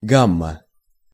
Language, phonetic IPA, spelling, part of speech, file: Russian, [ˈɡamːə], гамма, noun, Ru-гамма.ogg
- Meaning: 1. gamma (the name of the third letter of the Greek alphabet) 2. scale 3. range, gamut